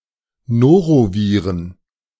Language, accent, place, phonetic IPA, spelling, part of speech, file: German, Germany, Berlin, [ˈnoːʁoˌviːʁən], Noroviren, noun, De-Noroviren.ogg
- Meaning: plural of Norovirus